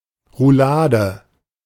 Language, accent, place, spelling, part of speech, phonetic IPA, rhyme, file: German, Germany, Berlin, Roulade, noun, [ʁuˈlaːdə], -aːdə, De-Roulade.ogg
- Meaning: roulade